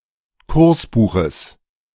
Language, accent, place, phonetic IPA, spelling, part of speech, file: German, Germany, Berlin, [ˈkʊʁsˌbuːxəs], Kursbuches, noun, De-Kursbuches.ogg
- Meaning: genitive singular of Kursbuch